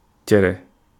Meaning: couscous
- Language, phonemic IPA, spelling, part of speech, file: Wolof, /cɛrɛ/, cere, noun, Wo-cere.ogg